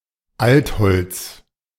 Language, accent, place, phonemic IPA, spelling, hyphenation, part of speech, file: German, Germany, Berlin, /ˈaltˌhɔlt͡s/, Altholz, Alt‧holz, noun, De-Altholz.ogg
- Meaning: waste wood, scrap wood